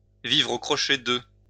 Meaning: to sponge off someone, to live off someone
- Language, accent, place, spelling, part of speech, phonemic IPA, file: French, France, Lyon, vivre aux crochets de, verb, /vivʁ o kʁɔ.ʃɛ də/, LL-Q150 (fra)-vivre aux crochets de.wav